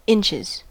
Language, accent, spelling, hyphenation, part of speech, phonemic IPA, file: English, US, inches, inch‧es, noun / verb, /ˈɪnt͡ʃɪz/, En-us-inches.ogg
- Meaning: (noun) plural of inch; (verb) third-person singular simple present indicative of inch